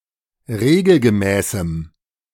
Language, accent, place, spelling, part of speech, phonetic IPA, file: German, Germany, Berlin, regelgemäßem, adjective, [ˈʁeːɡl̩ɡəˌmɛːsm̩], De-regelgemäßem.ogg
- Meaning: strong dative masculine/neuter singular of regelgemäß